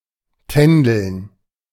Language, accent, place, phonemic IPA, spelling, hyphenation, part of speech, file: German, Germany, Berlin, /ˈtɛndl̩n/, tändeln, tän‧deln, verb, De-tändeln.ogg
- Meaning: 1. to dally 2. to flirt